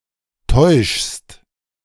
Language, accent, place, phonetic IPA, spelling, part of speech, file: German, Germany, Berlin, [tɔɪ̯ʃst], täuschst, verb, De-täuschst.ogg
- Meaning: second-person singular present of täuschen